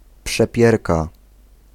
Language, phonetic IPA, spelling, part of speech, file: Polish, [pʃɛˈpʲjɛrka], przepierka, noun, Pl-przepierka.ogg